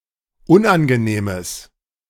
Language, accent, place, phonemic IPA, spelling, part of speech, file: German, Germany, Berlin, /ˈʊnʔanɡəˌneːməs/, unangenehmes, adjective, De-unangenehmes.ogg
- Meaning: strong/mixed nominative/accusative neuter singular of unangenehm